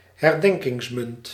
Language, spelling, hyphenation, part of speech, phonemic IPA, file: Dutch, herdenkingsmunt, her‧den‧kings‧munt, noun, /ɦɛrˈdɛŋ.kɪŋsˌmʏnt/, Nl-herdenkingsmunt.ogg
- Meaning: commemorative coin